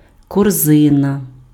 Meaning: basket
- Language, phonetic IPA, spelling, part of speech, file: Ukrainian, [kɔrˈzɪnɐ], корзина, noun, Uk-корзина.ogg